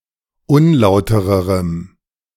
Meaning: strong dative masculine/neuter singular comparative degree of unlauter
- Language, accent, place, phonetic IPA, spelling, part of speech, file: German, Germany, Berlin, [ˈʊnˌlaʊ̯təʁəʁəm], unlautererem, adjective, De-unlautererem.ogg